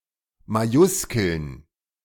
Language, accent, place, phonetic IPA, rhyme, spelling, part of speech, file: German, Germany, Berlin, [maˈjʊskl̩n], -ʊskl̩n, Majuskeln, noun, De-Majuskeln.ogg
- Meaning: feminine plural of Majuskel